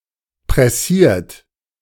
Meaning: 1. past participle of pressieren 2. inflection of pressieren: third-person singular present 3. inflection of pressieren: second-person plural present 4. inflection of pressieren: plural imperative
- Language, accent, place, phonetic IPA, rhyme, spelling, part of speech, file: German, Germany, Berlin, [pʁɛˈsiːɐ̯t], -iːɐ̯t, pressiert, verb, De-pressiert.ogg